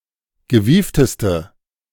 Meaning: inflection of gewieft: 1. strong/mixed nominative/accusative feminine singular superlative degree 2. strong nominative/accusative plural superlative degree
- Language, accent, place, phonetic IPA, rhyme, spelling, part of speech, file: German, Germany, Berlin, [ɡəˈviːftəstə], -iːftəstə, gewiefteste, adjective, De-gewiefteste.ogg